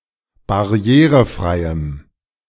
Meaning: strong dative masculine/neuter singular of barrierefrei
- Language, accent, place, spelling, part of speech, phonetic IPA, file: German, Germany, Berlin, barrierefreiem, adjective, [baˈʁi̯eːʁəˌfʁaɪ̯əm], De-barrierefreiem.ogg